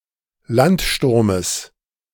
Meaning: genitive singular of Landsturm
- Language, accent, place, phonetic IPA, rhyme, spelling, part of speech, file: German, Germany, Berlin, [ˈlantˌʃtʊʁməs], -antʃtʊʁməs, Landsturmes, noun, De-Landsturmes.ogg